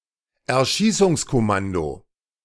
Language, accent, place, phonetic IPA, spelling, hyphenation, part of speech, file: German, Germany, Berlin, [ɛɐ̯ˈʃiːsʊŋskɔˌmando], Erschießungskommando, Er‧schie‧ßungs‧kom‧man‧do, noun, De-Erschießungskommando.ogg
- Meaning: firing squad